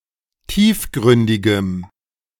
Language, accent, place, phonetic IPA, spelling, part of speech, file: German, Germany, Berlin, [ˈtiːfˌɡʁʏndɪɡəm], tiefgründigem, adjective, De-tiefgründigem.ogg
- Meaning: strong dative masculine/neuter singular of tiefgründig